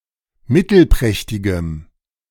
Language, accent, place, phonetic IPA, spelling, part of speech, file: German, Germany, Berlin, [ˈmɪtl̩ˌpʁɛçtɪɡəm], mittelprächtigem, adjective, De-mittelprächtigem.ogg
- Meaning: strong dative masculine/neuter singular of mittelprächtig